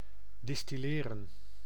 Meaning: 1. to distill 2. to deduce, to extract (from words)
- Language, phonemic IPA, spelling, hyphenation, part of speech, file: Dutch, /ˌdɪstiˈleːrə(n)/, distilleren, dis‧til‧le‧ren, verb, Nl-distilleren.ogg